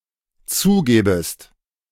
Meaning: second-person singular dependent subjunctive II of zugeben
- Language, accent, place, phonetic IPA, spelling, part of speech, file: German, Germany, Berlin, [ˈt͡suːˌɡɛːbəst], zugäbest, verb, De-zugäbest.ogg